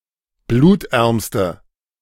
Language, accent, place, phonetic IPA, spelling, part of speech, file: German, Germany, Berlin, [ˈbluːtˌʔɛʁmstə], blutärmste, adjective, De-blutärmste.ogg
- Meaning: inflection of blutarm: 1. strong/mixed nominative/accusative feminine singular superlative degree 2. strong nominative/accusative plural superlative degree